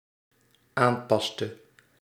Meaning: inflection of aanpassen: 1. singular dependent-clause past indicative 2. singular dependent-clause past subjunctive
- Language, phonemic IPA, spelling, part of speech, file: Dutch, /ˈampɑstə/, aanpaste, verb, Nl-aanpaste.ogg